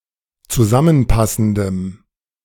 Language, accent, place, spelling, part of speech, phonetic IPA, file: German, Germany, Berlin, zusammenpassendem, adjective, [t͡suˈzamənˌpasn̩dəm], De-zusammenpassendem.ogg
- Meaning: strong dative masculine/neuter singular of zusammenpassend